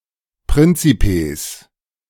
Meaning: plural of Prinzeps
- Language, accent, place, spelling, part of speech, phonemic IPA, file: German, Germany, Berlin, Prinzipes, noun, /ˈpʁɪnt͡sipeːs/, De-Prinzipes.ogg